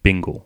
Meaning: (noun) 1. A minor collision, especially between motor vehicles 2. A hairstyle for women that is somewhere between a bob and a shingle; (verb) To arrange the hair in this style
- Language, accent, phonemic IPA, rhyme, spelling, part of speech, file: English, Australia, /ˈbɪŋ.ɡəl/, -ɪŋɡəl, bingle, noun / verb, En-au-bingle.ogg